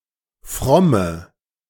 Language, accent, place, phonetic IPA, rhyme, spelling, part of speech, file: German, Germany, Berlin, [ˈfʁɔmə], -ɔmə, fromme, adjective, De-fromme.ogg
- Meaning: inflection of fromm: 1. strong/mixed nominative/accusative feminine singular 2. strong nominative/accusative plural 3. weak nominative all-gender singular 4. weak accusative feminine/neuter singular